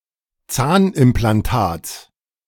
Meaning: genitive singular of Zahnimplantat
- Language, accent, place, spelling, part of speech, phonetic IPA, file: German, Germany, Berlin, Zahnimplantats, noun, [ˈt͡saːnʔɪmplanˌtaːt͡s], De-Zahnimplantats.ogg